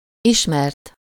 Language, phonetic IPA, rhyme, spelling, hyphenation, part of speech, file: Hungarian, [ˈiʃmɛrt], -ɛrt, ismert, is‧mert, verb / adjective, Hu-ismert.ogg
- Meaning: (verb) 1. third-person singular indicative past indefinite of ismer 2. past participle of ismer; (adjective) known, well-known